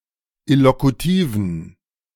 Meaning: inflection of illokutiv: 1. strong genitive masculine/neuter singular 2. weak/mixed genitive/dative all-gender singular 3. strong/weak/mixed accusative masculine singular 4. strong dative plural
- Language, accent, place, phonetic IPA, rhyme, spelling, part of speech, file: German, Germany, Berlin, [ɪlokuˈtiːvn̩], -iːvn̩, illokutiven, adjective, De-illokutiven.ogg